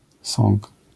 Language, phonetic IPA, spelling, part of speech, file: Polish, [sɔ̃ŋk], sąg, noun, LL-Q809 (pol)-sąg.wav